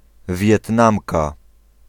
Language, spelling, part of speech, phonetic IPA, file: Polish, Wietnamka, noun, [vʲjɛtˈnãmka], Pl-Wietnamka.ogg